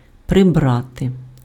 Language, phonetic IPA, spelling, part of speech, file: Ukrainian, [preˈbrate], прибрати, verb, Uk-прибрати.ogg
- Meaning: 1. to put in order, to tidy, to tidy up, to clean up, to straighten up 2. to clear away, to put away, to tidy away 3. to decorate, to adorn